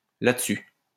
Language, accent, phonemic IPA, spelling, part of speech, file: French, France, /la.d(ə).sy/, là-dessus, adverb, LL-Q150 (fra)-là-dessus.wav
- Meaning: 1. on this, here 2. thereupon, with this